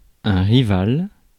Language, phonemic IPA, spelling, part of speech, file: French, /ʁi.val/, rival, adjective / noun, Fr-rival.ogg
- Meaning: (adjective) rival